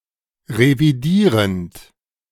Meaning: present participle of revidieren
- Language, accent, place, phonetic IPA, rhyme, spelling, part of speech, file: German, Germany, Berlin, [ʁeviˈdiːʁənt], -iːʁənt, revidierend, verb, De-revidierend.ogg